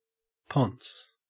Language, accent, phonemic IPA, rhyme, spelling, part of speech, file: English, Australia, /pɒns/, -ɒns, ponce, noun / verb, En-au-ponce.ogg
- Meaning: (noun) A man living off another's earnings, especially a woman's.: 1. Synonym of kept man 2. Synonym of pimp, especially one hired by a prostitute as a tout, bodyguard, and driver